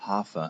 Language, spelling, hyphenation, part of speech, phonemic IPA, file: German, Hafer, Ha‧fer, noun, /ˈhaːfɐ/, De-Hafer.ogg
- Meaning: oats